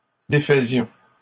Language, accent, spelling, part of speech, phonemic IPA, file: French, Canada, défaisions, verb, /de.fə.zjɔ̃/, LL-Q150 (fra)-défaisions.wav
- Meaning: first-person plural imperfect indicative of défaire